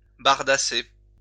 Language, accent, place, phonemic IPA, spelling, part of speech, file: French, France, Lyon, /baʁ.da.se/, bardasser, verb, LL-Q150 (fra)-bardasser.wav
- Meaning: to raise a ruckus; causing disturbance; to cause one to be shaken, awed, surprised. Generally seen as a positive qualifier